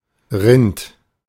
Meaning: 1. cow, bull, ox, head of cattle (any bovine animal) 2. beef
- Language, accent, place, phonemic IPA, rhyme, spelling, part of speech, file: German, Germany, Berlin, /ʁɪnt/, -ɪnt, Rind, noun, De-Rind.ogg